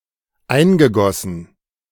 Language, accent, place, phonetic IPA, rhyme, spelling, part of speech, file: German, Germany, Berlin, [ˈaɪ̯nɡəˌɡɔsn̩], -aɪ̯nɡəɡɔsn̩, eingegossen, verb, De-eingegossen.ogg
- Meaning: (verb) past participle of eingießen; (adjective) 1. infused 2. ingrained